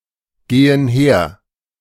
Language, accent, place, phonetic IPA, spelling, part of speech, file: German, Germany, Berlin, [ˌɡeːən ˈheːɐ̯], gehen her, verb, De-gehen her.ogg
- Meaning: inflection of hergehen: 1. first/third-person plural present 2. first/third-person plural subjunctive I